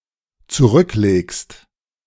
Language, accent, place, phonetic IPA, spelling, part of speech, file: German, Germany, Berlin, [t͡suˈʁʏkˌleːkst], zurücklegst, verb, De-zurücklegst.ogg
- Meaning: second-person singular dependent present of zurücklegen